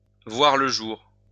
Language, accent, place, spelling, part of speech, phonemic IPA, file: French, France, Lyon, voir le jour, verb, /vwaʁ lə ʒuʁ/, LL-Q150 (fra)-voir le jour.wav
- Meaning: 1. to be born 2. to see the light of day